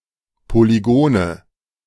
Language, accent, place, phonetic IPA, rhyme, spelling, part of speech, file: German, Germany, Berlin, [poliˈɡoːnə], -oːnə, Polygone, noun, De-Polygone.ogg
- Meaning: nominative/accusative/genitive plural of Polygon